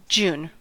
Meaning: The sixth month of the Gregorian calendar, following May and preceding July, containing the northern solstice
- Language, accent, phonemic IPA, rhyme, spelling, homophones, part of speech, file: English, US, /d͡ʒun/, -uːn, June, dune stripped-by-parse_pron_post_template_fn, proper noun, En-us-June.ogg